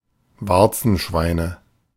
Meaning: nominative/accusative/genitive plural of Warzenschwein
- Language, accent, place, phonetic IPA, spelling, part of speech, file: German, Germany, Berlin, [ˈvaʁt͡sn̩ˌʃvaɪ̯nə], Warzenschweine, noun, De-Warzenschweine.ogg